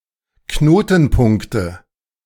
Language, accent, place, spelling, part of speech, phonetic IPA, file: German, Germany, Berlin, Knotenpunkte, noun, [ˈknoːtn̩ˌpʊŋktə], De-Knotenpunkte.ogg
- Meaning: nominative/accusative/genitive plural of Knotenpunkt